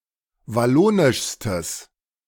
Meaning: strong/mixed nominative/accusative neuter singular superlative degree of wallonisch
- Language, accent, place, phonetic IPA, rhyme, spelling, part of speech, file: German, Germany, Berlin, [vaˈloːnɪʃstəs], -oːnɪʃstəs, wallonischstes, adjective, De-wallonischstes.ogg